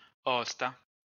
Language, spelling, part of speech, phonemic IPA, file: Esperanto, osta, adjective, /ˈosta/, LL-Q143 (epo)-osta.wav